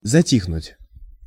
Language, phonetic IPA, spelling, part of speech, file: Russian, [zɐˈtʲixnʊtʲ], затихнуть, verb, Ru-затихнуть.ogg
- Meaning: 1. to become silent, to become quiet, to stop speaking, to stop crying 2. to die away, to die off 3. to calm down, to abate, to subside, to lull